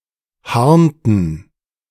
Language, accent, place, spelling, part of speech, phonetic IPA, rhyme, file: German, Germany, Berlin, harnten, verb, [ˈhaʁntn̩], -aʁntn̩, De-harnten.ogg
- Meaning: inflection of harnen: 1. first/third-person plural preterite 2. first/third-person plural subjunctive II